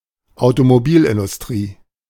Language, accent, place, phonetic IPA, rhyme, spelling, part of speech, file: German, Germany, Berlin, [aʊ̯tomoˈbiːlʔɪndʊsˌtʁiː], -iːlʔɪndʊstʁiː, Automobilindustrie, noun, De-Automobilindustrie.ogg
- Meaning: automotive industry, automobile industry